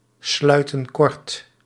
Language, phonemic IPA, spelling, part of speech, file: Dutch, /ˈslœytə(n) ˈkɔrt/, sluiten kort, verb, Nl-sluiten kort.ogg
- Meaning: inflection of kortsluiten: 1. plural present indicative 2. plural present subjunctive